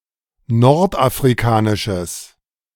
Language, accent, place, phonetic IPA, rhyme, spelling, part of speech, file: German, Germany, Berlin, [ˌnɔʁtʔafʁiˈkaːnɪʃəs], -aːnɪʃəs, nordafrikanisches, adjective, De-nordafrikanisches.ogg
- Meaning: strong/mixed nominative/accusative neuter singular of nordafrikanisch